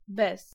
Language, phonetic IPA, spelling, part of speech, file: Polish, [bɛs], bez, noun / preposition, Pl-bez.ogg